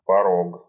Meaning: 1. threshold, doorstep 2. rapid (turbulent flow section in a river)
- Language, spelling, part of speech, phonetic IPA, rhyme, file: Russian, порог, noun, [pɐˈrok], -ok, Ru-порог.ogg